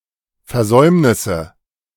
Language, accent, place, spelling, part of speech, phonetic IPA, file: German, Germany, Berlin, Versäumnisse, noun, [fɛɐ̯ˈzɔɪ̯mnɪsə], De-Versäumnisse.ogg
- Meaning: nominative/accusative/genitive plural of Versäumnis